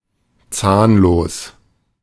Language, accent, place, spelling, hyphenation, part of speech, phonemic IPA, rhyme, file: German, Germany, Berlin, zahnlos, zahn‧los, adjective, /ˈt͡saːnˌloːs/, -oːs, De-zahnlos.ogg
- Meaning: 1. toothless (lacking teeth) 2. toothless (weak or ineffective)